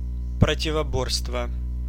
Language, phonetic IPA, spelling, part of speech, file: Russian, [prətʲɪvɐˈborstvə], противоборство, noun, Ru-противоборство.ogg
- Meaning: 1. confrontation, opposition, resistance 2. antagonism